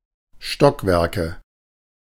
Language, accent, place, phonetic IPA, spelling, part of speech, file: German, Germany, Berlin, [ˈʃtɔkvɛʁkə], Stockwerke, noun, De-Stockwerke.ogg
- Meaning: nominative/accusative/genitive plural of Stockwerk